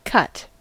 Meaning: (verb) To incise, to cut into the surface of something.: 1. To perform an incision on, for example with a knife 2. To divide with a knife, scissors, or another sharp instrument
- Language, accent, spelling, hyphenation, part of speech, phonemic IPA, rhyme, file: English, US, cut, cut, verb / adjective / noun / interjection, /kʌt/, -ʌt, En-us-cut.ogg